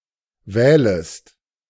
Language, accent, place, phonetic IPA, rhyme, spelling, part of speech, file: German, Germany, Berlin, [ˈvɛːləst], -ɛːləst, wählest, verb, De-wählest.ogg
- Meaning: second-person singular subjunctive I of wählen